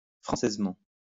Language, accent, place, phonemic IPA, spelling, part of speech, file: French, France, Lyon, /fʁɑ̃.sɛz.mɑ̃/, françaisement, adverb, LL-Q150 (fra)-françaisement.wav
- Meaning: Frenchly